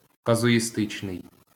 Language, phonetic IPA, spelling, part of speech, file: Ukrainian, [kɐzʊjiˈstɪt͡ʃnei̯], казуїстичний, adjective, LL-Q8798 (ukr)-казуїстичний.wav
- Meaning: casuistic, casuistical